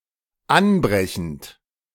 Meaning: present participle of anbrechen
- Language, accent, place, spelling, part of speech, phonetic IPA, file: German, Germany, Berlin, anbrechend, verb, [ˈanˌbʁɛçn̩t], De-anbrechend.ogg